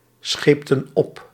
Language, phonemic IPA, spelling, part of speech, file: Dutch, /ˈsxeptə(n) ˈɔp/, scheepten op, verb, Nl-scheepten op.ogg
- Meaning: inflection of opschepen: 1. plural past indicative 2. plural past subjunctive